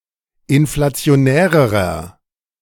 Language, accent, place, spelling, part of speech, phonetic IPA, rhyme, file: German, Germany, Berlin, inflationärerer, adjective, [ɪnflat͡si̯oˈnɛːʁəʁɐ], -ɛːʁəʁɐ, De-inflationärerer.ogg
- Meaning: inflection of inflationär: 1. strong/mixed nominative masculine singular comparative degree 2. strong genitive/dative feminine singular comparative degree 3. strong genitive plural comparative degree